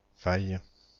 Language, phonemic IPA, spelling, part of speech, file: French, /faj/, faille, noun / verb, FR-faille.ogg
- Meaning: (noun) 1. fault 2. flaw 3. rift (chasm or fissure); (verb) third-person singular present subjunctive of faillir; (noun) faille (fabric woven from silk)